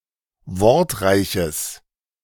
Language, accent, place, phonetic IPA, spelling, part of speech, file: German, Germany, Berlin, [ˈvɔʁtˌʁaɪ̯çəs], wortreiches, adjective, De-wortreiches.ogg
- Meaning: strong/mixed nominative/accusative neuter singular of wortreich